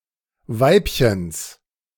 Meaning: genitive singular of Weibchen
- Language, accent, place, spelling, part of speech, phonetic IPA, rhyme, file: German, Germany, Berlin, Weibchens, noun, [ˈvaɪ̯pçəns], -aɪ̯pçəns, De-Weibchens.ogg